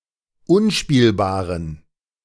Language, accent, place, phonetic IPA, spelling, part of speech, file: German, Germany, Berlin, [ˈʊnˌʃpiːlbaːʁən], unspielbaren, adjective, De-unspielbaren.ogg
- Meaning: inflection of unspielbar: 1. strong genitive masculine/neuter singular 2. weak/mixed genitive/dative all-gender singular 3. strong/weak/mixed accusative masculine singular 4. strong dative plural